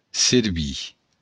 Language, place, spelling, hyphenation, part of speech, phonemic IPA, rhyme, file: Occitan, Béarn, servir, ser‧vir, verb, /səɾˈβi/, -i, LL-Q14185 (oci)-servir.wav
- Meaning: 1. to serve 2. to be useful